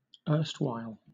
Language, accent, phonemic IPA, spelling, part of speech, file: English, Southern England, /ˈɜː(ɹ)st.waɪl/, erstwhile, adverb / adjective, LL-Q1860 (eng)-erstwhile.wav
- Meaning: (adverb) Formerly; in the past; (adjective) 1. Former, previous 2. Respected, honourable